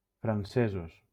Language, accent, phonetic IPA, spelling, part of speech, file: Catalan, Valencia, [fɾanˈse.zos], francesos, adjective / noun, LL-Q7026 (cat)-francesos.wav
- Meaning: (adjective) masculine plural of francès (Valencian: francés)